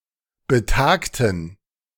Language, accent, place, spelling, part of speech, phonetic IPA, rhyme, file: German, Germany, Berlin, betagten, adjective, [bəˈtaːktn̩], -aːktn̩, De-betagten.ogg
- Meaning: inflection of betagt: 1. strong genitive masculine/neuter singular 2. weak/mixed genitive/dative all-gender singular 3. strong/weak/mixed accusative masculine singular 4. strong dative plural